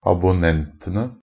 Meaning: definite plural of abonnent
- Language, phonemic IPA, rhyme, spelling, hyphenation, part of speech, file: Norwegian Bokmål, /abʊˈnɛntənə/, -ənə, abonnentene, ab‧on‧nent‧en‧e, noun, NB - Pronunciation of Norwegian Bokmål «abonnentene».ogg